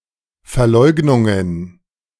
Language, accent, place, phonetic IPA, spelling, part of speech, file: German, Germany, Berlin, [fɛɐ̯ˈlɔɪ̯ɡnʊŋən], Verleugnungen, noun, De-Verleugnungen.ogg
- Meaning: plural of Verleugnung